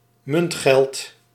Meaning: coinage, coins, coin money, hard cash
- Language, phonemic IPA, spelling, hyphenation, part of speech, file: Dutch, /ˈmʏnt.xɛlt/, muntgeld, munt‧geld, noun, Nl-muntgeld.ogg